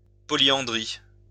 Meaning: polyandry
- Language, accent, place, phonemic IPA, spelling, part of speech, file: French, France, Lyon, /pɔ.ljɑ̃.dʁi/, polyandrie, noun, LL-Q150 (fra)-polyandrie.wav